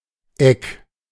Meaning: synonym of Ecke f (“corner”)
- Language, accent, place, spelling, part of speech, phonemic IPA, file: German, Germany, Berlin, Eck, noun, /ɛk/, De-Eck.ogg